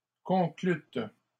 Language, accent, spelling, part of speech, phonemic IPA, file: French, Canada, conclûtes, verb, /kɔ̃.klyt/, LL-Q150 (fra)-conclûtes.wav
- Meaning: second-person plural past historic of conclure